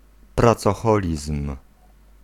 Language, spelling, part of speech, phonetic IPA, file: Polish, pracoholizm, noun, [ˌprat͡sɔˈxɔlʲism̥], Pl-pracoholizm.ogg